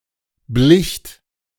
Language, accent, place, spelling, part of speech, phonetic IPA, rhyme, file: German, Germany, Berlin, blicht, verb, [blɪçt], -ɪçt, De-blicht.ogg
- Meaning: second-person plural preterite of bleichen